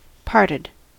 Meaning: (verb) simple past and past participle of part; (adjective) 1. Separated; taken asunder 2. Having the specified number of parts 3. Deeply cleft 4. Departed, deceased
- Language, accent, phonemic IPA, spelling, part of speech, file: English, US, /ˈpɑɹtɪd/, parted, verb / adjective, En-us-parted.ogg